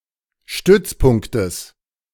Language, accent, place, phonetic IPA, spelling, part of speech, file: German, Germany, Berlin, [ˈʃtʏt͡sˌpʊŋktəs], Stützpunktes, noun, De-Stützpunktes.ogg
- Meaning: genitive of Stützpunkt